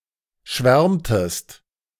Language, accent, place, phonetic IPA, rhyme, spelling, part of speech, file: German, Germany, Berlin, [ˈʃvɛʁmtəst], -ɛʁmtəst, schwärmtest, verb, De-schwärmtest.ogg
- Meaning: inflection of schwärmen: 1. second-person singular preterite 2. second-person singular subjunctive II